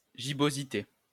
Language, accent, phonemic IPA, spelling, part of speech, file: French, France, /ʒi.bo.zi.te/, gibbosité, noun, LL-Q150 (fra)-gibbosité.wav
- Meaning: gibbosity